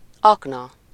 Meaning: 1. shaft (in a mine; in a building) 2. mine (an explosive device)
- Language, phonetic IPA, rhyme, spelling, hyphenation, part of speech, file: Hungarian, [ˈɒknɒ], -nɒ, akna, ak‧na, noun, Hu-akna.ogg